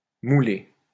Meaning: 1. to mold, mould 2. to fit tightly (clothes) 3. to grind, mill
- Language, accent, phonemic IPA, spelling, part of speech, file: French, France, /mu.le/, mouler, verb, LL-Q150 (fra)-mouler.wav